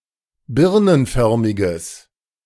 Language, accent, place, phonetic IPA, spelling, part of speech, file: German, Germany, Berlin, [ˈbɪʁnənˌfœʁmɪɡəs], birnenförmiges, adjective, De-birnenförmiges.ogg
- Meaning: strong/mixed nominative/accusative neuter singular of birnenförmig